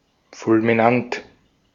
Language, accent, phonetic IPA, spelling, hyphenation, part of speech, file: German, Austria, [ˌfʊlmɪˈnant], fulminant, ful‧mi‧nant, adjective, De-at-fulminant.ogg
- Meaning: 1. splendid, furious 2. fulminant